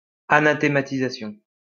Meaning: anathematization
- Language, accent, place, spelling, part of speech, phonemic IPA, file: French, France, Lyon, anathématisation, noun, /a.na.te.ma.ti.za.sjɔ̃/, LL-Q150 (fra)-anathématisation.wav